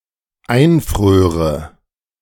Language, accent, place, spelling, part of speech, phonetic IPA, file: German, Germany, Berlin, einfröre, verb, [ˈaɪ̯nˌfʁøːʁə], De-einfröre.ogg
- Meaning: first/third-person singular dependent subjunctive II of einfrieren